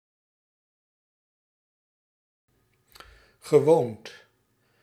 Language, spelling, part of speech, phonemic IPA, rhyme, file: Dutch, gewoond, verb, /ɣəˈʋoːnt/, -oːnt, Nl-gewoond.ogg
- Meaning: past participle of wonen